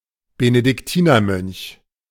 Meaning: Benedictine monk
- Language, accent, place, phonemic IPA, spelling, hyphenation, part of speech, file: German, Germany, Berlin, /benədɪkˈtiːnɐˌmœnç/, Benediktinermönch, Be‧ne‧dik‧ti‧ner‧mönch, noun, De-Benediktinermönch.ogg